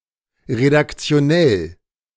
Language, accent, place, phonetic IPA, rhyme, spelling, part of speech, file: German, Germany, Berlin, [ʁedakt͡si̯oˈnɛl], -ɛl, redaktionell, adjective, De-redaktionell.ogg
- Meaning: editorial (pertaining to editors, editing or how to edit)